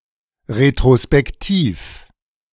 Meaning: retrospective
- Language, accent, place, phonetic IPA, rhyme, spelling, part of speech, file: German, Germany, Berlin, [ʁetʁospɛkˈtiːf], -iːf, retrospektiv, adjective, De-retrospektiv.ogg